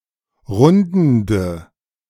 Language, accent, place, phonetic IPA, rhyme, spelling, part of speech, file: German, Germany, Berlin, [ˈʁʊndn̩də], -ʊndn̩də, rundende, adjective, De-rundende.ogg
- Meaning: inflection of rundend: 1. strong/mixed nominative/accusative feminine singular 2. strong nominative/accusative plural 3. weak nominative all-gender singular 4. weak accusative feminine/neuter singular